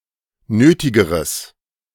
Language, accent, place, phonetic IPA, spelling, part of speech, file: German, Germany, Berlin, [ˈnøːtɪɡəʁəs], nötigeres, adjective, De-nötigeres.ogg
- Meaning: strong/mixed nominative/accusative neuter singular comparative degree of nötig